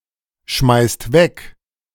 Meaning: inflection of wegschmeißen: 1. third-person singular present 2. second-person plural present 3. plural imperative
- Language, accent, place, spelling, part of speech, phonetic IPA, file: German, Germany, Berlin, schmeißt weg, verb, [ˌʃmaɪ̯st ˈvɛk], De-schmeißt weg.ogg